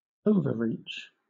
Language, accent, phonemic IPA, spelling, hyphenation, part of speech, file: English, Southern England, /ˈəʊvə(ˌ)ɹiːt͡ʃ/, overreach, over‧reach, noun, LL-Q1860 (eng)-overreach.wav
- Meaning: An act of extending or reaching over, especially if too far or too much; overextension